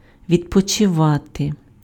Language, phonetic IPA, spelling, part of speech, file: Ukrainian, [ʋʲidpɔt͡ʃeˈʋate], відпочивати, verb, Uk-відпочивати.ogg
- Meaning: to relax, to have a rest, to take a rest